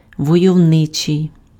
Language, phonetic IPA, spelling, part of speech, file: Ukrainian, [wɔjɔu̯ˈnɪt͡ʃei̯], войовничий, adjective, Uk-войовничий.ogg
- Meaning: militant, warlike